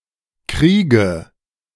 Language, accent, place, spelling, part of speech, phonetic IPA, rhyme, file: German, Germany, Berlin, kriege, verb, [ˈkʁiːɡə], -iːɡə, De-kriege.ogg
- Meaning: inflection of kriegen: 1. first-person singular present 2. first/third-person singular subjunctive I 3. singular imperative